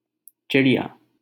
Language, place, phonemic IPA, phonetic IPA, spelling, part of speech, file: Hindi, Delhi, /t͡ʃɪ.ɽɪ.jɑː/, [t͡ʃɪ.ɽi.jäː], चिड़िया, noun, LL-Q1568 (hin)-चिड़िया.wav
- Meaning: 1. sparrow 2. bird 3. shuttlecock 4. club, clubs